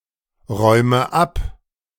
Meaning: inflection of abräumen: 1. first-person singular present 2. first/third-person singular subjunctive I 3. singular imperative
- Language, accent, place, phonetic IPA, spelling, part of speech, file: German, Germany, Berlin, [ˌʁɔɪ̯mə ˈap], räume ab, verb, De-räume ab.ogg